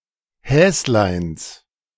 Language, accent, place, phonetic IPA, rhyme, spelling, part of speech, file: German, Germany, Berlin, [ˈhɛːslaɪ̯ns], -ɛːslaɪ̯ns, Häsleins, noun, De-Häsleins.ogg
- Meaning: genitive singular of Häslein